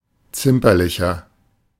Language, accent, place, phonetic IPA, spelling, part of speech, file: German, Germany, Berlin, [ˈt͡sɪmpɐlɪçɐ], zimperlicher, adjective, De-zimperlicher.ogg
- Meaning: 1. comparative degree of zimperlich 2. inflection of zimperlich: strong/mixed nominative masculine singular 3. inflection of zimperlich: strong genitive/dative feminine singular